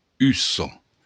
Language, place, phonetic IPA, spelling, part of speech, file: Occitan, Béarn, [ˈyso], ussa, noun, LL-Q14185 (oci)-ussa.wav
- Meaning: eyebrow